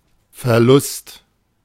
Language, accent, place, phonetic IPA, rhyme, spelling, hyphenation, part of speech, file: German, Germany, Berlin, [fɛɐ̯ˈlʊst], -ʊst, Verlust, Ver‧lust, noun, De-Verlust.ogg
- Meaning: loss (all senses, except defeat, for which Niederlage is used)